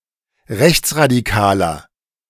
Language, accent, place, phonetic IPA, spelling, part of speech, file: German, Germany, Berlin, [ˈʁɛçt͡sʁadiˌkaːlɐ], rechtsradikaler, adjective, De-rechtsradikaler.ogg
- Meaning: 1. comparative degree of rechtsradikal 2. inflection of rechtsradikal: strong/mixed nominative masculine singular 3. inflection of rechtsradikal: strong genitive/dative feminine singular